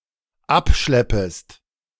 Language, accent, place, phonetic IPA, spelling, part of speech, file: German, Germany, Berlin, [ˈapˌʃlɛpəst], abschleppest, verb, De-abschleppest.ogg
- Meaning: second-person singular dependent subjunctive I of abschleppen